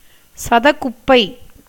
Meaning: alternative form of சதகுப்பி (catakuppi)
- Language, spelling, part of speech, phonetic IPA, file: Tamil, சதகுப்பை, noun, [sadəɣʉpːaɪ], Ta-சதகுப்பை.ogg